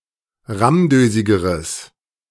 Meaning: strong/mixed nominative/accusative neuter singular comparative degree of rammdösig
- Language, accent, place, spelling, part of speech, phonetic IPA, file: German, Germany, Berlin, rammdösigeres, adjective, [ˈʁamˌdøːzɪɡəʁəs], De-rammdösigeres.ogg